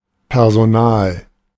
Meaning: 1. staff, personnel, employees 2. ellipsis of Personalabteilung (“human resources”)
- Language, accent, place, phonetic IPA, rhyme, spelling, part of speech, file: German, Germany, Berlin, [pɛʁzoˈnaːl], -aːl, Personal, noun, De-Personal.ogg